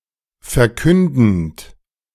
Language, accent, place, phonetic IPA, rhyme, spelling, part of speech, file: German, Germany, Berlin, [fɛɐ̯ˈkʏndn̩t], -ʏndn̩t, verkündend, verb, De-verkündend.ogg
- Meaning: present participle of verkünden